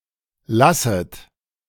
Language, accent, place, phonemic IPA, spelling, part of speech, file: German, Germany, Berlin, /ˈlasət/, lasset, verb, De-lasset.ogg
- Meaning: inflection of lassen: 1. plural imperative 2. second-person plural subjunctive I